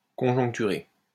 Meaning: to conjugate
- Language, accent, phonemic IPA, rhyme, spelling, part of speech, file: French, France, /kɔ̃.ʒɔ̃k.ty.ʁe/, -e, conjoncturer, verb, LL-Q150 (fra)-conjoncturer.wav